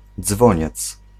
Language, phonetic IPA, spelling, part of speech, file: Polish, [ˈd͡zvɔ̃ɲɛt͡s], dzwoniec, noun, Pl-dzwoniec.ogg